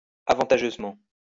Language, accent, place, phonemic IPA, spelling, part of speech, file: French, France, Lyon, /a.vɑ̃.ta.ʒøz.mɑ̃/, avantageusement, adverb, LL-Q150 (fra)-avantageusement.wav
- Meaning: advantageously